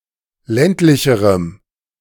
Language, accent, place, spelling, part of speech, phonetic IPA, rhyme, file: German, Germany, Berlin, ländlicherem, adjective, [ˈlɛntlɪçəʁəm], -ɛntlɪçəʁəm, De-ländlicherem.ogg
- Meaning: strong dative masculine/neuter singular comparative degree of ländlich